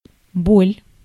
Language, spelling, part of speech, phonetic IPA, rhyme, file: Russian, боль, noun, [bolʲ], -olʲ, Ru-боль.ogg
- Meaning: 1. pain, ache 2. pang, stab, stitch